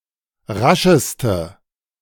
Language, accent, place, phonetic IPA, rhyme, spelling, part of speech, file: German, Germany, Berlin, [ˈʁaʃəstə], -aʃəstə, rascheste, adjective, De-rascheste.ogg
- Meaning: inflection of rasch: 1. strong/mixed nominative/accusative feminine singular superlative degree 2. strong nominative/accusative plural superlative degree